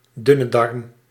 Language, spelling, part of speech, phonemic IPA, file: Dutch, dunne darm, noun, /ˌdʏ.nə ˈdɑrm/, Nl-dunne darm.ogg
- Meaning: small intestine